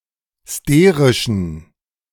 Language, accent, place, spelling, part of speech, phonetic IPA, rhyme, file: German, Germany, Berlin, sterischen, adjective, [ˈsteːʁɪʃn̩], -eːʁɪʃn̩, De-sterischen.ogg
- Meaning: inflection of sterisch: 1. strong genitive masculine/neuter singular 2. weak/mixed genitive/dative all-gender singular 3. strong/weak/mixed accusative masculine singular 4. strong dative plural